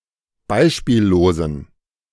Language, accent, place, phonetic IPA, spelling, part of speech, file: German, Germany, Berlin, [ˈbaɪ̯ʃpiːlloːzn̩], beispiellosen, adjective, De-beispiellosen.ogg
- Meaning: inflection of beispiellos: 1. strong genitive masculine/neuter singular 2. weak/mixed genitive/dative all-gender singular 3. strong/weak/mixed accusative masculine singular 4. strong dative plural